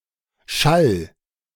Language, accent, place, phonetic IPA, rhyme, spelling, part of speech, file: German, Germany, Berlin, [ʃal], -al, schall, verb, De-schall.ogg
- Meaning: singular imperative of schallen